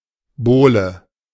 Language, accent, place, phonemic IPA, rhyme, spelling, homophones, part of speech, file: German, Germany, Berlin, /ˈboːlə/, -oːlə, Bowle, Bohle, noun, De-Bowle.ogg
- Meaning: 1. wide, round vessel used for punch 2. punch (the beverage itself, especially when cold)